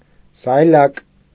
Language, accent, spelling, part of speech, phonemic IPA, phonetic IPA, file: Armenian, Eastern Armenian, սայլակ, noun, /sɑjˈlɑk/, [sɑjlɑ́k], Hy-սայլակ.ogg
- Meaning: 1. diminutive of սայլ (sayl): small cart 2. wheelbarrow, barrow 3. trolley 4. wheelchair 5. baby walker